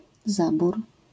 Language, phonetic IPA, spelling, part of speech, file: Polish, [ˈzabur], zabór, noun, LL-Q809 (pol)-zabór.wav